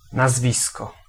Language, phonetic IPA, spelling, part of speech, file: Polish, [naˈzvʲiskɔ], nazwisko, noun, Pl-nazwisko.ogg